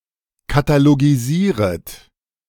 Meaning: second-person plural subjunctive I of katalogisieren
- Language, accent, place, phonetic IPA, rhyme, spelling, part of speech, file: German, Germany, Berlin, [kataloɡiˈziːʁət], -iːʁət, katalogisieret, verb, De-katalogisieret.ogg